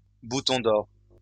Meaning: alternative spelling of bouton d'or
- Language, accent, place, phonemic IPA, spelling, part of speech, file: French, France, Lyon, /bu.tɔ̃.d‿ɔʁ/, bouton-d'or, noun, LL-Q150 (fra)-bouton-d'or.wav